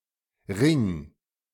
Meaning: 1. singular imperative of ringen 2. first-person singular present of ringen
- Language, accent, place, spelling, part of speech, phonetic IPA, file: German, Germany, Berlin, ring, verb, [ʁɪŋ], De-ring.ogg